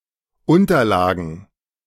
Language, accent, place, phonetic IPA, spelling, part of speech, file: German, Germany, Berlin, [ˈʊntɐlaːɡn̩], Unterlagen, noun, De-Unterlagen.ogg
- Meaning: plural of Unterlage